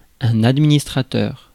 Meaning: administrator
- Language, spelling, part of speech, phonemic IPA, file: French, administrateur, noun, /ad.mi.nis.tʁa.tœʁ/, Fr-administrateur.ogg